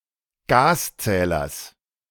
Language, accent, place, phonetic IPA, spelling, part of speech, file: German, Germany, Berlin, [ˈɡaːsˌt͡sɛːlɐs], Gaszählers, noun, De-Gaszählers.ogg
- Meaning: genitive singular of Gaszähler